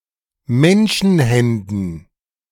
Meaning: dative plural of Menschenhand
- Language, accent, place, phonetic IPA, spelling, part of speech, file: German, Germany, Berlin, [ˈmɛnʃn̩ˌhɛndn̩], Menschenhänden, noun, De-Menschenhänden.ogg